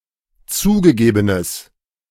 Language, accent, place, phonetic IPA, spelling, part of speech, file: German, Germany, Berlin, [ˈt͡suːɡəˌɡeːbənəs], zugegebenes, adjective, De-zugegebenes.ogg
- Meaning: strong/mixed nominative/accusative neuter singular of zugegeben